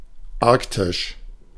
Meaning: Arctic
- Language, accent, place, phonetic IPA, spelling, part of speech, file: German, Germany, Berlin, [ˈaʁktɪʃ], arktisch, adjective, De-arktisch.ogg